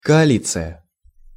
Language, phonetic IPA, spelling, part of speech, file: Russian, [kɐɐˈlʲit͡sɨjə], коалиция, noun, Ru-коалиция.ogg
- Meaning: coalition